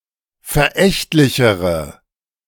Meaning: inflection of verächtlich: 1. strong/mixed nominative/accusative feminine singular comparative degree 2. strong nominative/accusative plural comparative degree
- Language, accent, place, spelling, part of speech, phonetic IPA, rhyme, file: German, Germany, Berlin, verächtlichere, adjective, [fɛɐ̯ˈʔɛçtlɪçəʁə], -ɛçtlɪçəʁə, De-verächtlichere.ogg